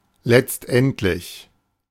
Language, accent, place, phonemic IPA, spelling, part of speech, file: German, Germany, Berlin, /lɛtstˈʔɛntlɪç/, letztendlich, adverb / adjective, De-letztendlich.ogg
- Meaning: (adverb) eventually, finally, ultimately, at last; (adjective) eventual, ultimate